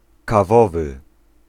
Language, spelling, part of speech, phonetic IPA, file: Polish, kawowy, adjective, [kaˈvɔvɨ], Pl-kawowy.ogg